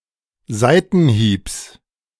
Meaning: genitive singular of Seitenhieb
- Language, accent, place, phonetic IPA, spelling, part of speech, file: German, Germany, Berlin, [ˈzaɪ̯tn̩ˌhiːps], Seitenhiebs, noun, De-Seitenhiebs.ogg